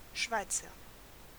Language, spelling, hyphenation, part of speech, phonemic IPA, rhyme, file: German, Schweizer, Schwei‧zer, noun / proper noun / adjective, /ˈʃvaɪ̯t͡sɐ/, -aɪ̯t͡sɐ, De-Schweizer.ogg
- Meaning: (noun) 1. Swiss person, Swiss (male) 2. Swiss Guard 3. sacristan 4. milker (a person or man who milks cows) 5. doorman; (proper noun) a surname; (adjective) of Switzerland